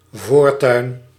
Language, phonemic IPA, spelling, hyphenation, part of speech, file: Dutch, /ˈvoːr.tœy̯n/, voortuin, voor‧tuin, noun, Nl-voortuin.ogg
- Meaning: front yard